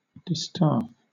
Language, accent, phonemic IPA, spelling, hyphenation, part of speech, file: English, Southern England, /ˈdɪstɑːf/, distaff, di‧staff, noun / adjective, LL-Q1860 (eng)-distaff.wav